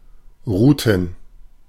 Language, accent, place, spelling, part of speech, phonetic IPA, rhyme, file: German, Germany, Berlin, Ruten, noun, [ˈʁuːtn̩], -uːtn̩, De-Ruten.ogg
- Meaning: plural of Rute